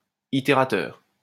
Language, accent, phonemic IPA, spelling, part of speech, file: French, France, /i.te.ʁa.tœʁ/, itérateur, noun, LL-Q150 (fra)-itérateur.wav
- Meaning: iterator